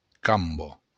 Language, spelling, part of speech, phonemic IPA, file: Occitan, camba, noun, /ˈkambo/, LL-Q942602-camba.wav
- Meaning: 1. leg 2. stem (plants)